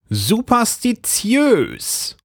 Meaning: superstitious
- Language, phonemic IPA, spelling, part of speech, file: German, /zupɐstiˈt͡si̯øːs/, superstitiös, adjective, De-superstitiös.ogg